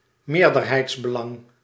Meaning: majority stake, majority interest
- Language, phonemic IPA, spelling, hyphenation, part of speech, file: Dutch, /ˈmeːr.dər.ɦɛi̯ts.bəˌlɑŋ/, meerderheidsbelang, meer‧der‧heids‧be‧lang, noun, Nl-meerderheidsbelang.ogg